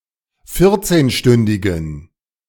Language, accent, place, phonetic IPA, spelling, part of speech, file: German, Germany, Berlin, [ˈfɪʁt͡seːnˌʃtʏndɪɡn̩], vierzehnstündigen, adjective, De-vierzehnstündigen.ogg
- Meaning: inflection of vierzehnstündig: 1. strong genitive masculine/neuter singular 2. weak/mixed genitive/dative all-gender singular 3. strong/weak/mixed accusative masculine singular 4. strong dative plural